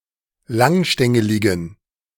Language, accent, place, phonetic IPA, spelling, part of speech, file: German, Germany, Berlin, [ˈlaŋˌʃtɛŋəlɪɡn̩], langstängeligen, adjective, De-langstängeligen.ogg
- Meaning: inflection of langstängelig: 1. strong genitive masculine/neuter singular 2. weak/mixed genitive/dative all-gender singular 3. strong/weak/mixed accusative masculine singular 4. strong dative plural